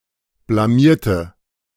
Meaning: inflection of blamieren: 1. first/third-person singular preterite 2. first/third-person singular subjunctive II
- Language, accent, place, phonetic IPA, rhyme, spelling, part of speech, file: German, Germany, Berlin, [blaˈmiːɐ̯tə], -iːɐ̯tə, blamierte, adjective / verb, De-blamierte.ogg